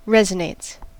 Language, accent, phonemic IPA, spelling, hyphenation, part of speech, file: English, US, /ˈɹɛz.əˌneɪts/, resonates, res‧o‧nates, verb, En-us-resonates.ogg
- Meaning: third-person singular simple present indicative of resonate